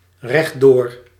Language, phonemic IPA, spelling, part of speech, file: Dutch, /rɛɣˈdor/, rechtdoor, adverb, Nl-rechtdoor.ogg
- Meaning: straight, straight ahead